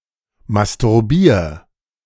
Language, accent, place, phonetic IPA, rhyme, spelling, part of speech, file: German, Germany, Berlin, [mastʊʁˈbiːɐ̯], -iːɐ̯, masturbier, verb, De-masturbier.ogg
- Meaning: 1. singular imperative of masturbieren 2. first-person singular present of masturbieren